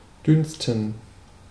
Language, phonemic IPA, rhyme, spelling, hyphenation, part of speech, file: German, /ˈdʏnstn̩/, -ʏnstn̩, dünsten, düns‧ten, verb, De-dünsten.ogg
- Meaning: 1. to steam, to braise, to stew 2. give off a smell